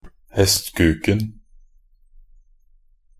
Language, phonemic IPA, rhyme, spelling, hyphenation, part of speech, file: Norwegian Bokmål, /hɛstkʉːkn̩/, -ʉːkn̩, hestkuken, hest‧kuk‧en, noun, Nb-hestkuken.ogg
- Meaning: definite singular of hestkuk